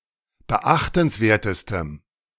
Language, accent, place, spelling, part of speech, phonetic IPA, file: German, Germany, Berlin, beachtenswertestem, adjective, [bəˈʔaxtn̩sˌveːɐ̯təstəm], De-beachtenswertestem.ogg
- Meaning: strong dative masculine/neuter singular superlative degree of beachtenswert